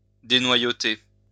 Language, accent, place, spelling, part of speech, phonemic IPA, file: French, France, Lyon, dénoyauter, verb, /de.nwa.jo.te/, LL-Q150 (fra)-dénoyauter.wav
- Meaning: to stone, pit (to remove stones or pits from)